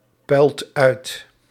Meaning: inflection of uitpuilen: 1. second/third-person singular present indicative 2. plural imperative
- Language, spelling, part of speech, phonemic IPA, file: Dutch, puilt uit, verb, /ˈpœylt ˈœyt/, Nl-puilt uit.ogg